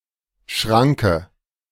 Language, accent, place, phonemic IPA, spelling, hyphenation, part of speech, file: German, Germany, Berlin, /ˈʃʁaŋkə/, Schranke, Schran‧ke, noun, De-Schranke.ogg
- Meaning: 1. gate (barrier that can be pulled or moved up to allow passage) 2. a level crossing with such a gate 3. some other kind of barrier or limit